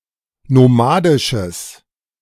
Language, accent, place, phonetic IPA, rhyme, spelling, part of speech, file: German, Germany, Berlin, [noˈmaːdɪʃəs], -aːdɪʃəs, nomadisches, adjective, De-nomadisches.ogg
- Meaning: strong/mixed nominative/accusative neuter singular of nomadisch